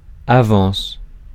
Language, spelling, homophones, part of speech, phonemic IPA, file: French, avance, avancent / avances, noun / verb, /a.vɑ̃s/, Fr-avance.ogg
- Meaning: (noun) 1. progression, advance 2. advance (amount of money or credit given as a loan, or paid before it is due) 3. (romantic) advances; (verb) first-person singular present indicative of avancer